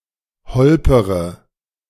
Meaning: inflection of holpern: 1. first-person singular present 2. first-person plural subjunctive I 3. third-person singular subjunctive I 4. singular imperative
- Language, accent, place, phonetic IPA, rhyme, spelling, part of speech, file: German, Germany, Berlin, [ˈhɔlpəʁə], -ɔlpəʁə, holpere, verb, De-holpere.ogg